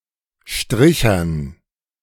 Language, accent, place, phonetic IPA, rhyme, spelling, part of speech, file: German, Germany, Berlin, [ˈʃtʁɪçɐn], -ɪçɐn, Strichern, noun, De-Strichern.ogg
- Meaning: dative plural of Stricher